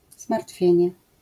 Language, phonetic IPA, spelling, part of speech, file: Polish, [zmartˈfʲjɛ̇̃ɲɛ], zmartwienie, noun, LL-Q809 (pol)-zmartwienie.wav